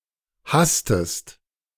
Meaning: inflection of hassen: 1. second-person singular preterite 2. second-person singular subjunctive II
- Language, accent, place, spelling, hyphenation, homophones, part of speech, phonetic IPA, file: German, Germany, Berlin, hasstest, hass‧test, hastest, verb, [ˈhastəst], De-hasstest.ogg